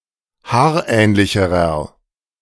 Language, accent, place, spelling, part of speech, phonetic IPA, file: German, Germany, Berlin, haarähnlicherer, adjective, [ˈhaːɐ̯ˌʔɛːnlɪçəʁɐ], De-haarähnlicherer.ogg
- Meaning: inflection of haarähnlich: 1. strong/mixed nominative masculine singular comparative degree 2. strong genitive/dative feminine singular comparative degree 3. strong genitive plural comparative degree